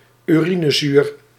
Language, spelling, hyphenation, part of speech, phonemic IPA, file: Dutch, urinezuur, uri‧ne‧zuur, noun / adjective, /yˈri.nəˌzyːr/, Nl-urinezuur.ogg
- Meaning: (noun) uric acid; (adjective) pertaining to uric acid